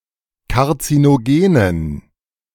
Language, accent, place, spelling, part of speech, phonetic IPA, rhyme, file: German, Germany, Berlin, karzinogenen, adjective, [kaʁt͡sinoˈɡeːnən], -eːnən, De-karzinogenen.ogg
- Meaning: inflection of karzinogen: 1. strong genitive masculine/neuter singular 2. weak/mixed genitive/dative all-gender singular 3. strong/weak/mixed accusative masculine singular 4. strong dative plural